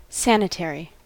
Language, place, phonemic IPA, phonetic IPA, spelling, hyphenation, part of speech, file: English, California, /ˈsænɪˌtɛɹi/, [ˈsɛənɪˌtɛɹi], sanitary, san‧i‧ta‧ry, adjective / noun, En-us-sanitary.ogg
- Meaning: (adjective) 1. Of or relating to health 2. Clean and free from pathogens; hygienic; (noun) Sanitary towel